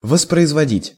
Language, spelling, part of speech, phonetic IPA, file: Russian, воспроизводить, verb, [vəsprəɪzvɐˈdʲitʲ], Ru-воспроизводить.ogg
- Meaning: 1. to reproduce 2. to recall, to call to mind 3. to repeat 4. to play (back) 5. to reprint